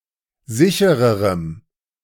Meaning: strong dative masculine/neuter singular comparative degree of sicher
- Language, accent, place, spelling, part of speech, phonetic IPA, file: German, Germany, Berlin, sichererem, adjective, [ˈzɪçəʁəʁəm], De-sichererem.ogg